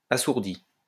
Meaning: past participle of assourdir
- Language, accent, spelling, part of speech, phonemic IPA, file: French, France, assourdi, verb, /a.suʁ.di/, LL-Q150 (fra)-assourdi.wav